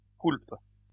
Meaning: guilt, sin
- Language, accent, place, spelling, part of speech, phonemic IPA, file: French, France, Lyon, coulpe, noun, /kulp/, LL-Q150 (fra)-coulpe.wav